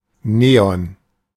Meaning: neon
- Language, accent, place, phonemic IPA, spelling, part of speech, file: German, Germany, Berlin, /ˈneːɔn/, Neon, noun, De-Neon.ogg